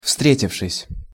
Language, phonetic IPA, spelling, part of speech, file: Russian, [ˈfstrʲetʲɪfʂɨsʲ], встретившись, verb, Ru-встретившись.ogg
- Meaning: past adverbial perfective participle of встре́титься (vstrétitʹsja)